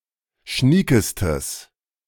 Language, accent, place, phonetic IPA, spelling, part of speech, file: German, Germany, Berlin, [ˈʃniːkəstəs], schniekestes, adjective, De-schniekestes.ogg
- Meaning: strong/mixed nominative/accusative neuter singular superlative degree of schnieke